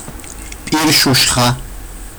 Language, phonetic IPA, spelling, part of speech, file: Georgian, [pʼiɾʃuʃχä], პირშუშხა, noun, Ka-pirshushkha.ogg
- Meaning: horseradish